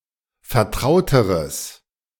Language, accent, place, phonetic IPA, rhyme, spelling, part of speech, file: German, Germany, Berlin, [fɛɐ̯ˈtʁaʊ̯təʁəs], -aʊ̯təʁəs, vertrauteres, adjective, De-vertrauteres.ogg
- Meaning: strong/mixed nominative/accusative neuter singular comparative degree of vertraut